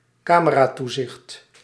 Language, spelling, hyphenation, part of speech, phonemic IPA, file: Dutch, cameratoezicht, ca‧me‧ra‧toe‧zicht, noun, /ˈkaː.mə.raːˌtu.zɪxt/, Nl-cameratoezicht.ogg
- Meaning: camera surveillance